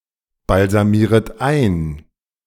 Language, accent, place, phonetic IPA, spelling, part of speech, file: German, Germany, Berlin, [balzaˌmiːʁət ˈaɪ̯n], balsamieret ein, verb, De-balsamieret ein.ogg
- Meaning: second-person plural subjunctive I of einbalsamieren